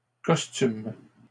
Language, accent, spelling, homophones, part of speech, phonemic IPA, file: French, Canada, costument, costume / costumes, verb, /kɔs.tym/, LL-Q150 (fra)-costument.wav
- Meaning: third-person plural present indicative/subjunctive of costumer